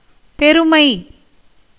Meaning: 1. bigness, largeness 2. greatness, dignity, excellence, eminence, nobleness, grandeur 3. abundance, excess 4. power, might 5. celebrity, renown 6. pride, vanity, haughtiness 7. dearness, difficulty
- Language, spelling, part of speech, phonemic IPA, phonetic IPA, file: Tamil, பெருமை, noun, /pɛɾʊmɐɪ̯/, [pe̞ɾʊmɐɪ̯], Ta-பெருமை.ogg